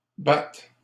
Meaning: third-person singular present indicative of battre
- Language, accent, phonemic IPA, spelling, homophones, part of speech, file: French, Canada, /ba/, bat, bât / bâts, verb, LL-Q150 (fra)-bat.wav